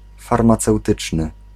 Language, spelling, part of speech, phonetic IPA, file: Polish, farmaceutyczny, adjective, [ˌfarmat͡sɛwˈtɨt͡ʃnɨ], Pl-farmaceutyczny.ogg